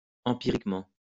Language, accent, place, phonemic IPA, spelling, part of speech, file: French, France, Lyon, /ɑ̃.pi.ʁik.mɑ̃/, empiriquement, adverb, LL-Q150 (fra)-empiriquement.wav
- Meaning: empirically